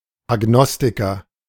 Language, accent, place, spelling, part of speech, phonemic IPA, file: German, Germany, Berlin, Agnostiker, noun, /aˈɡnɔstikɐ/, De-Agnostiker.ogg
- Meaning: agnostic